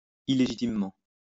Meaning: illegitimately
- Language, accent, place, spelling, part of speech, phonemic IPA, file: French, France, Lyon, illégitimement, adverb, /i.le.ʒi.tim.mɑ̃/, LL-Q150 (fra)-illégitimement.wav